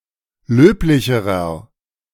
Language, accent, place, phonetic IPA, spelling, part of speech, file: German, Germany, Berlin, [ˈløːplɪçəʁɐ], löblicherer, adjective, De-löblicherer.ogg
- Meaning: inflection of löblich: 1. strong/mixed nominative masculine singular comparative degree 2. strong genitive/dative feminine singular comparative degree 3. strong genitive plural comparative degree